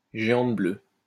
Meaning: blue giant
- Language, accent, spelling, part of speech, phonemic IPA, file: French, France, géante bleue, noun, /ʒe.ɑ̃t blø/, LL-Q150 (fra)-géante bleue.wav